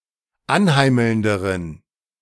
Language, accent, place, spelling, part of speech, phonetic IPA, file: German, Germany, Berlin, anheimelnderen, adjective, [ˈanˌhaɪ̯ml̩ndəʁən], De-anheimelnderen.ogg
- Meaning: inflection of anheimelnd: 1. strong genitive masculine/neuter singular comparative degree 2. weak/mixed genitive/dative all-gender singular comparative degree